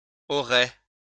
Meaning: first-person singular future of avoir
- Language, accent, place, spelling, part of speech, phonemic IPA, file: French, France, Lyon, aurai, verb, /ɔ.ʁe/, LL-Q150 (fra)-aurai.wav